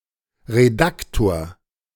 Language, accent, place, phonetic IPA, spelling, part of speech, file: German, Germany, Berlin, [ʁeˈdaktoːɐ̯], Redaktor, noun, De-Redaktor.ogg
- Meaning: editor (male or of unspecified gender)